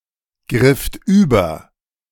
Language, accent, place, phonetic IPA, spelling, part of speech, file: German, Germany, Berlin, [ˌɡʁɪft ˈyːbɐ], grifft über, verb, De-grifft über.ogg
- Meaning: second-person plural preterite of übergreifen